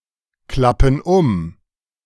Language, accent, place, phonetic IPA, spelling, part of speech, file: German, Germany, Berlin, [ˌklapn̩ ˈʊm], klappen um, verb, De-klappen um.ogg
- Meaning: inflection of umklappen: 1. first/third-person plural present 2. first/third-person plural subjunctive I